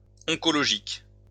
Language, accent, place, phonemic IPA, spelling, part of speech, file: French, France, Lyon, /ɔ̃.kɔ.lɔ.ʒik/, oncologique, adjective, LL-Q150 (fra)-oncologique.wav
- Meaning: oncologic